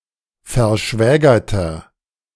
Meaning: inflection of verschwägert: 1. strong/mixed nominative masculine singular 2. strong genitive/dative feminine singular 3. strong genitive plural
- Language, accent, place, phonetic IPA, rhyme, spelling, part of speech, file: German, Germany, Berlin, [fɛɐ̯ˈʃvɛːɡɐtɐ], -ɛːɡɐtɐ, verschwägerter, adjective, De-verschwägerter.ogg